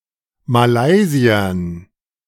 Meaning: dative plural of Malaysier
- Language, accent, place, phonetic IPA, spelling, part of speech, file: German, Germany, Berlin, [maˈlaɪ̯zi̯ɐn], Malaysiern, noun, De-Malaysiern.ogg